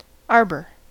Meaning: 1. A shady sitting place or pergola usually in a park or garden, surrounded by climbing shrubs, vines or other vegetation 2. A grove of trees 3. An axis or shaft supporting a rotating part on a lathe
- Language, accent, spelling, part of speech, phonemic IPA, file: English, US, arbor, noun, /ˈɑɹbɚ/, En-us-arbor.ogg